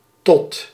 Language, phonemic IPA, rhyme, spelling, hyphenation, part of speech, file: Dutch, /tɔt/, -ɔt, tot, tot, preposition / conjunction, Nl-tot.ogg
- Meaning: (preposition) 1. to, up to 2. until 3. ellipsis of u spreekt tot... (“you are speaking to...”) Used to answer a telephone call, followed by one's name or the name of one's company or institution